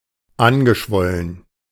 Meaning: past participle of anschwellen
- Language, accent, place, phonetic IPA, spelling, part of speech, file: German, Germany, Berlin, [ˈanɡəˌʃvɔlən], angeschwollen, adjective / verb, De-angeschwollen.ogg